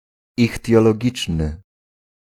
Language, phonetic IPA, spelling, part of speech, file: Polish, [ˌixtʲjɔlɔˈɟit͡ʃnɨ], ichtiologiczny, adjective, Pl-ichtiologiczny.ogg